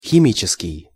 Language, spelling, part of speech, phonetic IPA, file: Russian, химический, adjective, [xʲɪˈmʲit͡ɕɪskʲɪj], Ru-химический.ogg
- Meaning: chemical